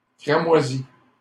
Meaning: feminine plural of cramoisi
- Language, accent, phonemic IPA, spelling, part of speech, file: French, Canada, /kʁa.mwa.zi/, cramoisies, adjective, LL-Q150 (fra)-cramoisies.wav